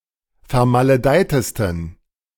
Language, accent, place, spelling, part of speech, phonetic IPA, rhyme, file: German, Germany, Berlin, vermaledeitesten, adjective, [fɛɐ̯maləˈdaɪ̯təstn̩], -aɪ̯təstn̩, De-vermaledeitesten.ogg
- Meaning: 1. superlative degree of vermaledeit 2. inflection of vermaledeit: strong genitive masculine/neuter singular superlative degree